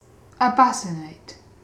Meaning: To blind by holding a red-hot metal rod or plate before the eyes
- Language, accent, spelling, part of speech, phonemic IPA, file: English, UK, abacinate, verb, /əbˈæsɪneɪt/, En-uk-abacinate.ogg